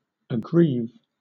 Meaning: 1. To cause someone to feel pain or sorrow to; to afflict 2. To grieve; to lament
- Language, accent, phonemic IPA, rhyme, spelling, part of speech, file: English, Southern England, /əˈɡɹiːv/, -iːv, aggrieve, verb, LL-Q1860 (eng)-aggrieve.wav